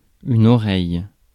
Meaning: ear
- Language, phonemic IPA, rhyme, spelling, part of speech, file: French, /ɔ.ʁɛj/, -ɛj, oreille, noun, Fr-oreille.ogg